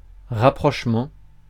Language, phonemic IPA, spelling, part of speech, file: French, /ʁa.pʁɔʃ.mɑ̃/, rapprochement, noun, Fr-rapprochement.ogg
- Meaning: 1. act or process of getting closer, nearer together 2. link (between two things)